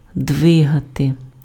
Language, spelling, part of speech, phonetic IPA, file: Ukrainian, двигати, verb, [ˈdʋɪɦɐte], Uk-двигати.ogg
- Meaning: to move